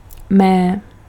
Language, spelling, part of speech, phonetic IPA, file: Czech, mé, interjection / pronoun, [ˈmɛː], Cs-mé.ogg
- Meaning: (interjection) bleat (the cry of a goat); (pronoun) inflection of můj: 1. nominative neuter singular and masculine plural inanimate and feminine plural 2. genitive/dative/locative feminine singular